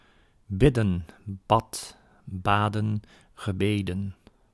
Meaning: 1. to pray 2. to pray to (often with a preposition phrase) 3. to bid 4. to hover (of birds), to use wings to remain in the same place in mid-air
- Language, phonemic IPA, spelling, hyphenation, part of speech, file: Dutch, /ˈbɪdə(n)/, bidden, bid‧den, verb, Nl-bidden.ogg